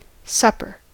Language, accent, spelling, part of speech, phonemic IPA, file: English, US, supper, noun / verb, /ˈsʌpɚ/, En-us-supper.ogg
- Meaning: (noun) 1. An optional light meal consumed shortly before going to bed 2. Any meal eaten in the evening; dinner eaten in the evening, rather than at noon